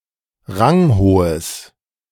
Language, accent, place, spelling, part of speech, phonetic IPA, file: German, Germany, Berlin, ranghohes, adjective, [ˈʁaŋˌhoːəs], De-ranghohes.ogg
- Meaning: strong/mixed nominative/accusative neuter singular of ranghoch